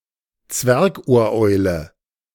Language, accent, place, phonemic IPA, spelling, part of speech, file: German, Germany, Berlin, /ˈt͡svɛʁkʔoːɐ̯ˌʔɔɪ̯lə/, Zwergohreule, noun, De-Zwergohreule.ogg
- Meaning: scops owl